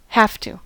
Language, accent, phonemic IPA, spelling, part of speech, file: English, US, /ˈhæf.tə/, have to, verb, En-us-have to.ogg
- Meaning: 1. Must; need to; to be urged to; to be required to; indicates obligation 2. Must; expresses a logical conclusion